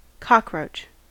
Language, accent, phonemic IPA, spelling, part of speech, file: English, US, /ˈkɑkɹoʊt͡ʃ/, cockroach, noun, En-us-cockroach.ogg
- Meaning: 1. Any black or brown straight-winged insect of the order Blattodea that is not a termite 2. Term of abuse 3. A person or a member of a group of people regarded as undesirable and rapidly procreating